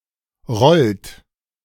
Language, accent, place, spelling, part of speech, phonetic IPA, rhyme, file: German, Germany, Berlin, rollt, verb, [ʁɔlt], -ɔlt, De-rollt.ogg
- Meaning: inflection of rollen: 1. third-person singular present 2. second-person plural present 3. plural imperative